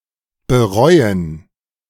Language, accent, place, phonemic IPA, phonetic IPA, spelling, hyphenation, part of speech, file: German, Germany, Berlin, /bəˈʁɔʏ̯ən/, [bəˈʁɔʏ̯n], bereuen, be‧reu‧en, verb, De-bereuen2.ogg
- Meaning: to regret, to rue